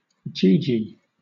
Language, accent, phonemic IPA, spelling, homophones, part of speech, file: English, Southern England, /ˈdʒiːˌdʒiː/, gee-gee, GG, noun, LL-Q1860 (eng)-gee-gee.wav
- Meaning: A horse